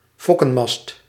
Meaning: the foremast, foremost mast, originally on a three-mast sailing ship, carrying the foresail
- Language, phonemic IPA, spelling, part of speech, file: Dutch, /ˈfɔkə(n)mɑst/, fokkenmast, noun, Nl-fokkenmast.ogg